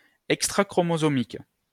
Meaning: extrachromosomal
- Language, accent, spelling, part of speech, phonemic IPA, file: French, France, extrachromosomique, adjective, /ɛk.stʁa.kʁɔ.mo.zɔ.mik/, LL-Q150 (fra)-extrachromosomique.wav